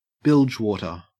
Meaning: 1. Water which collects in the bilges of a ship 2. Stupid talk or writing; nonsense
- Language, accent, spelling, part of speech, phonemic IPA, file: English, Australia, bilgewater, noun, /ˈbɪld͡ʒwɔtɚ/, En-au-bilgewater.ogg